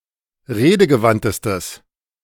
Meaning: strong/mixed nominative/accusative neuter singular superlative degree of redegewandt
- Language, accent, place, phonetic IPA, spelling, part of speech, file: German, Germany, Berlin, [ˈʁeːdəɡəˌvantəstəs], redegewandtestes, adjective, De-redegewandtestes.ogg